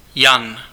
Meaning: 1. a male given name, equivalent to English John 2. genitive plural of Jana
- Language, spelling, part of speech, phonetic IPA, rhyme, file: Czech, Jan, proper noun, [ˈjan], -an, Cs-Jan.ogg